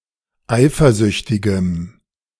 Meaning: strong dative masculine/neuter singular of eifersüchtig
- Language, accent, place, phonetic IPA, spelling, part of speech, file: German, Germany, Berlin, [ˈaɪ̯fɐˌzʏçtɪɡəm], eifersüchtigem, adjective, De-eifersüchtigem.ogg